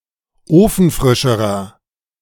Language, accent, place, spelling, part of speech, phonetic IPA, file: German, Germany, Berlin, ofenfrischerer, adjective, [ˈoːfn̩ˌfʁɪʃəʁɐ], De-ofenfrischerer.ogg
- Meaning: inflection of ofenfrisch: 1. strong/mixed nominative masculine singular comparative degree 2. strong genitive/dative feminine singular comparative degree 3. strong genitive plural comparative degree